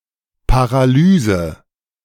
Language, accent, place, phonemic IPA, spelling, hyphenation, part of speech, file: German, Germany, Berlin, /ˌpaʁaˈlyːzə/, Paralyse, Pa‧ra‧ly‧se, noun, De-Paralyse.ogg
- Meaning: paralysis (loss of muscle control)